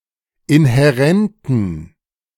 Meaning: inflection of inhärent: 1. strong genitive masculine/neuter singular 2. weak/mixed genitive/dative all-gender singular 3. strong/weak/mixed accusative masculine singular 4. strong dative plural
- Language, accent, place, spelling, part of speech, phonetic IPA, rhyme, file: German, Germany, Berlin, inhärenten, adjective, [ɪnhɛˈʁɛntn̩], -ɛntn̩, De-inhärenten.ogg